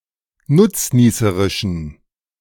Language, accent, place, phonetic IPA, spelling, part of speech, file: German, Germany, Berlin, [ˈnʊt͡sˌniːsəʁɪʃn̩], nutznießerischen, adjective, De-nutznießerischen.ogg
- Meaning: inflection of nutznießerisch: 1. strong genitive masculine/neuter singular 2. weak/mixed genitive/dative all-gender singular 3. strong/weak/mixed accusative masculine singular 4. strong dative plural